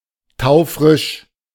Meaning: very fresh
- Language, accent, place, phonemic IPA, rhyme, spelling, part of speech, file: German, Germany, Berlin, /ˈtaʊ̯fʁɪʃ/, -ɪʃ, taufrisch, adjective, De-taufrisch.ogg